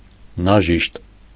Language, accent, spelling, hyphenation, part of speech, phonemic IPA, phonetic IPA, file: Armenian, Eastern Armenian, նաժիշտ, նա‧ժիշտ, noun, /nɑˈʒiʃt/, [nɑʒíʃt], Hy-նաժիշտ.ogg
- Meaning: 1. maidservant, housemaid 2. lady's maid